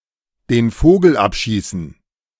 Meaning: to take the cake
- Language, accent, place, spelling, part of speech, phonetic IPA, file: German, Germany, Berlin, den Vogel abschießen, verb, [deːn ˈfoːɡl̩ ˈapˌʃiːsn̩], De-den Vogel abschießen.ogg